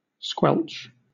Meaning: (verb) To halt, stop, eliminate, stamp out, or put down, often suddenly or by force
- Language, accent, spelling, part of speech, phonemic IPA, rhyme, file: English, Southern England, squelch, verb / noun, /ˈskwɛlt͡ʃ/, -ɛltʃ, LL-Q1860 (eng)-squelch.wav